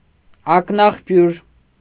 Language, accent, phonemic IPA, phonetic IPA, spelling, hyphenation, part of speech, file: Armenian, Eastern Armenian, /ɑknɑχˈpjuɾ/, [ɑknɑχpjúɾ], ակնաղբյուր, ակ‧նաղ‧բյուր, noun, Hy-ակնաղբյուր.ogg
- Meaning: spring, source